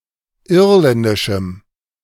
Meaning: strong dative masculine/neuter singular of irländisch
- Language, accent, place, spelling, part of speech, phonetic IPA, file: German, Germany, Berlin, irländischem, adjective, [ˈɪʁlɛndɪʃm̩], De-irländischem.ogg